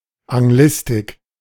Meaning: 1. English studies 2. a plurality of institutions at which English studies are practiced
- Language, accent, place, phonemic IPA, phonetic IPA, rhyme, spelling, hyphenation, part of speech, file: German, Germany, Berlin, /aŋˈɡlɪstɪk/, [ʔaŋˈɡlɪstɪkʰ], -ɪstɪk, Anglistik, An‧g‧lis‧tik, noun, De-Anglistik.ogg